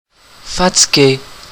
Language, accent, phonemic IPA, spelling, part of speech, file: French, Canada, /fa.ti.ɡe/, fatigué, verb / adjective, Qc-fatigué.ogg
- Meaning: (verb) past participle of fatiguer; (adjective) tired